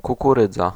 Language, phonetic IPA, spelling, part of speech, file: Polish, [ˌkukuˈrɨd͡za], kukurydza, noun, Pl-kukurydza.ogg